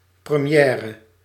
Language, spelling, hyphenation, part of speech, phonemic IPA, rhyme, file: Dutch, première, pre‧mi‧è‧re, noun, /prəˈmjɛː.rə/, -ɛːrə, Nl-première.ogg
- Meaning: premiere